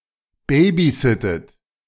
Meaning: inflection of babysitten: 1. second-person plural present 2. second-person plural subjunctive I 3. third-person singular present 4. plural imperative
- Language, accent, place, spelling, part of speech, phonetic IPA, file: German, Germany, Berlin, babysittet, verb, [ˈbeːbiˌzɪtət], De-babysittet.ogg